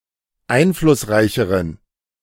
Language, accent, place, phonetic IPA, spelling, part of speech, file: German, Germany, Berlin, [ˈaɪ̯nflʊsˌʁaɪ̯çəʁən], einflussreicheren, adjective, De-einflussreicheren.ogg
- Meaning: inflection of einflussreich: 1. strong genitive masculine/neuter singular comparative degree 2. weak/mixed genitive/dative all-gender singular comparative degree